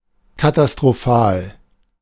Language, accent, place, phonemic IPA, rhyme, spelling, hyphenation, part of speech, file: German, Germany, Berlin, /katastʁoˈfaːl/, -aːl, katastrophal, ka‧ta‧s‧t‧ro‧phal, adjective, De-katastrophal.ogg
- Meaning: catastrophic (disastrous; ruinous)